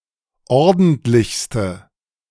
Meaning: inflection of ordentlich: 1. strong/mixed nominative/accusative feminine singular superlative degree 2. strong nominative/accusative plural superlative degree
- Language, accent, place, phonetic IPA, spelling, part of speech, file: German, Germany, Berlin, [ˈɔʁdn̩tlɪçstə], ordentlichste, adjective, De-ordentlichste.ogg